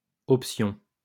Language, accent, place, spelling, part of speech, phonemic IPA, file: French, France, Lyon, options, noun, /ɔp.sjɔ̃/, LL-Q150 (fra)-options.wav
- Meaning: plural of option